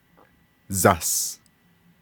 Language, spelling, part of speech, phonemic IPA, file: Navajo, zas, noun, /zɑ̀s/, Nv-zas.ogg
- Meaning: Eastern Navajo form of yas (“snow”)